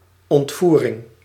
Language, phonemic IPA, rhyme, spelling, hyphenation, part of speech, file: Dutch, /ˌɔntˈvu.rɪŋ/, -urɪŋ, ontvoering, ont‧voe‧ring, noun, Nl-ontvoering.ogg
- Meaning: kidnapping, abduction (act of carrying off of a human being)